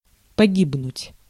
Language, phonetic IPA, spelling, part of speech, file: Russian, [pɐˈɡʲibnʊtʲ], погибнуть, verb, Ru-погибнуть.ogg
- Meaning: to perish, to die of unnatural causes, to be killed